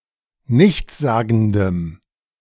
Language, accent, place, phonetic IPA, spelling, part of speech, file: German, Germany, Berlin, [ˈnɪçt͡sˌzaːɡn̩dəm], nichtssagendem, adjective, De-nichtssagendem.ogg
- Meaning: strong dative masculine/neuter singular of nichtssagend